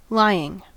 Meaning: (verb) present participle and gerund of lie (“to rest in a horizontal position”); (noun) The act of one who lies, or keeps low to the ground
- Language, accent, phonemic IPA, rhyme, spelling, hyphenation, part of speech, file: English, General American, /ˈlaɪ.ɪŋ/, -aɪɪŋ, lying, ly‧ing, verb / noun / adjective, En-us-lying.ogg